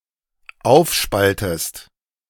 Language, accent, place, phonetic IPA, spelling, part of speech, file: German, Germany, Berlin, [ˈaʊ̯fˌʃpaltəst], aufspaltest, verb, De-aufspaltest.ogg
- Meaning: inflection of aufspalten: 1. second-person singular dependent present 2. second-person singular dependent subjunctive I